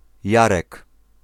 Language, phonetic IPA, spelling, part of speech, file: Polish, [ˈjarɛk], Jarek, proper noun, Pl-Jarek.ogg